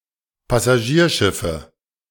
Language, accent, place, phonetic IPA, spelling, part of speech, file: German, Germany, Berlin, [pasaˈʒiːɐ̯ˌʃɪfə], Passagierschiffe, noun, De-Passagierschiffe.ogg
- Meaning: nominative/accusative/genitive plural of Passagierschiff